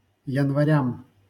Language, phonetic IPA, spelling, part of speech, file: Russian, [(j)ɪnvɐˈrʲam], январям, noun, LL-Q7737 (rus)-январям.wav
- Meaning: dative plural of янва́рь (janvárʹ)